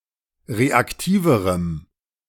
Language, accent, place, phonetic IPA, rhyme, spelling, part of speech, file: German, Germany, Berlin, [ˌʁeakˈtiːvəʁəm], -iːvəʁəm, reaktiverem, adjective, De-reaktiverem.ogg
- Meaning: strong dative masculine/neuter singular comparative degree of reaktiv